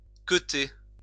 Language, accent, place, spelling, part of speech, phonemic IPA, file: French, France, Lyon, queuter, verb, /kø.te/, LL-Q150 (fra)-queuter.wav
- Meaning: 1. to push (to have the cue ball in contact with the cue and the object ball at the same time) 2. to miss, fail, screw up 3. to dick, to dick down, to bone; to fuck